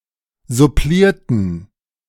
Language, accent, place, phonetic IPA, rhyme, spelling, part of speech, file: German, Germany, Berlin, [zʊˈpliːɐ̯tn̩], -iːɐ̯tn̩, supplierten, adjective / verb, De-supplierten.ogg
- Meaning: inflection of supplieren: 1. first/third-person plural preterite 2. first/third-person plural subjunctive II